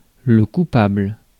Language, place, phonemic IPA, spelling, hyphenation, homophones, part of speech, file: French, Paris, /ku.pabl/, coupable, cou‧pable, coupables, adjective / noun, Fr-coupable.ogg
- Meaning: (adjective) 1. guilty 2. culpable, responsible; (noun) culprit